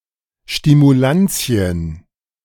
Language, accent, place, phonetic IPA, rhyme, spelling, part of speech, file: German, Germany, Berlin, [ʃtimuˈlant͡si̯ən], -ant͡si̯ən, Stimulanzien, noun, De-Stimulanzien.ogg
- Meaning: nominative/genitive/dative/accusative plural of Stimulans